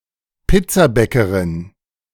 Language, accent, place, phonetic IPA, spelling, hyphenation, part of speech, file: German, Germany, Berlin, [ˈpɪt͡saˌbɛkəʁɪn], Pizzabäckerin, Piz‧za‧bä‧cke‧rin, noun, De-Pizzabäckerin.ogg
- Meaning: female equivalent of Pizzabäcker